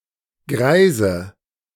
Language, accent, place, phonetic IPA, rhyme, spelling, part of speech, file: German, Germany, Berlin, [ˈɡʁaɪ̯zə], -aɪ̯zə, Greise, noun, De-Greise.ogg
- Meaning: nominative/accusative/genitive plural of Greis